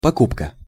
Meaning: 1. buying, purchasing, purchase (act of purchasing) 2. purchase, package (something bought)
- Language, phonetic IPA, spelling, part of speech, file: Russian, [pɐˈkupkə], покупка, noun, Ru-покупка.ogg